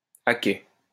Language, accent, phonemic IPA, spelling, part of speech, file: French, France, /a kɛ/, à quai, adjective, LL-Q150 (fra)-à quai.wav
- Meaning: 1. docked, at the quayside 2. standing at the platform